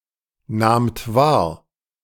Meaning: second-person plural preterite of wahrnehmen
- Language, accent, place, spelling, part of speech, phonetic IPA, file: German, Germany, Berlin, nahmt wahr, verb, [ˌnaːmt ˈvaːɐ̯], De-nahmt wahr.ogg